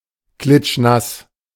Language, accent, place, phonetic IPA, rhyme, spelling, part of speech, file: German, Germany, Berlin, [ˈklɪtʃˈnas], -as, klitschnass, adjective, De-klitschnass.ogg
- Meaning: soaking wet; soaked